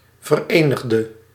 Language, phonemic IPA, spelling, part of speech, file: Dutch, /vərˈeːnɪɣdə/, verenigde, adjective / verb, Nl-verenigde.ogg
- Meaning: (adjective) inflection of verenigd: 1. masculine/feminine singular attributive 2. definite neuter singular attributive 3. plural attributive; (verb) singular past indicative/subjunctive of verenigen